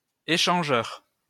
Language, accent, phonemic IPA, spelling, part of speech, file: French, France, /e.ʃɑ̃.ʒœʁ/, échangeur, noun / adjective, LL-Q150 (fra)-échangeur.wav
- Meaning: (noun) 1. interchange (on a motorway etc) 2. exchanger; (adjective) exchange